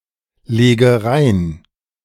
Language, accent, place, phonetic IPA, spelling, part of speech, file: German, Germany, Berlin, [ˌleːɡə ˈʁaɪ̯n], lege rein, verb, De-lege rein.ogg
- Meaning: inflection of reinlegen: 1. first-person singular present 2. first/third-person singular subjunctive I 3. singular imperative